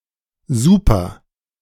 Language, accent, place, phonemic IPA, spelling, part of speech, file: German, Germany, Berlin, /ˈzuːpɐ/, Super, noun, De-Super.ogg
- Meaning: petrol with high octane number